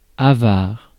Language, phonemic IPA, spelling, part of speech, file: French, /a.vaʁ/, avare, adjective / noun, Fr-avare.ogg
- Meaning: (adjective) stingy, miserly; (noun) scrooge, miser, skinflint